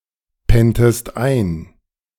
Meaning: inflection of einpennen: 1. second-person singular preterite 2. second-person singular subjunctive II
- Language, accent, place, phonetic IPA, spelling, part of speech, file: German, Germany, Berlin, [ˌpɛntəst ˈaɪ̯n], penntest ein, verb, De-penntest ein.ogg